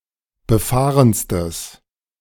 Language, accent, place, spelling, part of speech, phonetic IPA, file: German, Germany, Berlin, befahrenstes, adjective, [bəˈfaːʁənstəs], De-befahrenstes.ogg
- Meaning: strong/mixed nominative/accusative neuter singular superlative degree of befahren